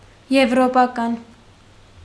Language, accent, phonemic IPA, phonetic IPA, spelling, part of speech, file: Armenian, Eastern Armenian, /jevɾopɑˈkɑn/, [jevɾopɑkɑ́n], եվրոպական, adjective, Hy-եվրոպական.ogg
- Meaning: European